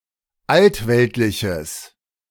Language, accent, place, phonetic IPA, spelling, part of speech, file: German, Germany, Berlin, [ˈaltˌvɛltlɪçəs], altweltliches, adjective, De-altweltliches.ogg
- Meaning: strong/mixed nominative/accusative neuter singular of altweltlich